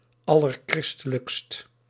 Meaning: most Christian of all (typically as an epithet for monarchs and more rarely their dominions)
- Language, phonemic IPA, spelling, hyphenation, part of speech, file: Dutch, /ˌɑ.lərˈkrɪs.tə.ləkst/, allerchristelijkst, al‧ler‧chris‧te‧lijkst, adjective, Nl-allerchristelijkst.ogg